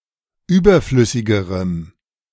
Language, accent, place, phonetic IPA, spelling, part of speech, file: German, Germany, Berlin, [ˈyːbɐˌflʏsɪɡəʁəm], überflüssigerem, adjective, De-überflüssigerem.ogg
- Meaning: strong dative masculine/neuter singular comparative degree of überflüssig